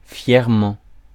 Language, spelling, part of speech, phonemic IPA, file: French, fièrement, adverb, /fjɛʁ.mɑ̃/, Fr-fièrement.ogg
- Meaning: proudly